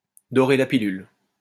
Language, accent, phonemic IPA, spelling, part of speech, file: French, France, /dɔ.ʁe la pi.lyl/, dorer la pilule, verb, LL-Q150 (fra)-dorer la pilule.wav
- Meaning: to gild the pill, to sweeten the pill, to sugarcoat it